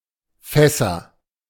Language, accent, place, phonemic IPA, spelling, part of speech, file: German, Germany, Berlin, /ˈfɛ.səʁ/, Fässer, noun, De-Fässer.ogg
- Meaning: nominative/accusative/genitive plural of Fass "barrels"